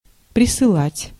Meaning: to send (here, to this place)
- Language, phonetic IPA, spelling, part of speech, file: Russian, [prʲɪsɨˈɫatʲ], присылать, verb, Ru-присылать.ogg